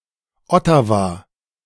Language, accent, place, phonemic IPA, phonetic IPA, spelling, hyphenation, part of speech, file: German, Germany, Berlin, /ˈɔtavaː/, [ˈʔɔ.tʰa.vaː], Ottawa, Ot‧ta‧wa, proper noun, De-Ottawa.ogg
- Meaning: Ottawa (a city in Ontario, Canada; the capital city of Canada)